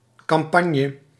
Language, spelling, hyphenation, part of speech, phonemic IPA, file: Dutch, kampanje, kam‧pan‧je, noun, /kɑmˈpɑɲə/, Nl-kampanje.ogg
- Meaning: poop deck (e.g. of galleys)